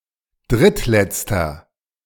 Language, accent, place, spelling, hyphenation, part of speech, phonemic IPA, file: German, Germany, Berlin, drittletzter, dritt‧letz‧ter, adjective, /ˈdʁɪtˌlɛt͡stɐ/, De-drittletzter.ogg
- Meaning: inflection of drittletzte: 1. strong/mixed nominative masculine singular 2. strong genitive/dative feminine singular 3. strong genitive plural